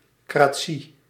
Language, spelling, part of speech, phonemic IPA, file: Dutch, -cratie, suffix, /kraːˈ(t)si/, Nl--cratie.ogg
- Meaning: -cracy